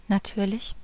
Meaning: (adjective) natural, normal; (adverb) 1. naturally 2. of course, obviously
- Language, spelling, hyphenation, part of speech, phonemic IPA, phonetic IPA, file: German, natürlich, na‧tür‧lich, adjective / adverb, /naˈtyːʁlɪç/, [naˈtʰyːɐ̯lɪç], De-natürlich.ogg